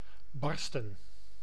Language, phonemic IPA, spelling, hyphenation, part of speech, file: Dutch, /ˈbɑrstə(n)/, barsten, bar‧sten, verb / noun, Nl-barsten.ogg
- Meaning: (verb) 1. to burst, split completely 2. to crack, break partially 3. to suffer and/or break under emotional pressure 4. to urge, be near emotional eruption; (noun) plural of barst